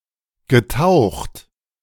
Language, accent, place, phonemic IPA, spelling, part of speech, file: German, Germany, Berlin, /ɡəˈtaʊ̯xt/, getaucht, verb, De-getaucht.ogg
- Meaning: past participle of tauchen